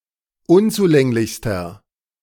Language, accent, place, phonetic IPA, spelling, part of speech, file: German, Germany, Berlin, [ˈʊnt͡suˌlɛŋlɪçstɐ], unzulänglichster, adjective, De-unzulänglichster.ogg
- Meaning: inflection of unzulänglich: 1. strong/mixed nominative masculine singular superlative degree 2. strong genitive/dative feminine singular superlative degree 3. strong genitive plural superlative degree